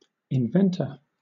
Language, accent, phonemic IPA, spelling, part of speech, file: English, Southern England, /ɪnˈvɛntə/, inventor, noun, LL-Q1860 (eng)-inventor.wav
- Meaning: One who invents, either as a hobby or as an occupation